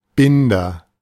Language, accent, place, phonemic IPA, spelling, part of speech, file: German, Germany, Berlin, /ˈbɪndɐ/, Binder, noun / proper noun, De-Binder.ogg
- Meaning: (noun) 1. girder, tie 2. binder; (proper noun) a surname